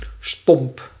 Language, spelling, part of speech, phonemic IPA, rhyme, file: Dutch, stomp, adjective / noun / verb, /stɔmp/, -ɔmp, Nl-stomp.ogg
- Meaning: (adjective) 1. blunt, not sharp 2. having over 90 degrees; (noun) 1. stump (short, formless, protruding object) 2. blow (painful hit with the fist or the elbow)